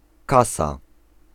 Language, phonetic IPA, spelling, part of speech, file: Polish, [ˈkasa], kasa, noun, Pl-kasa.ogg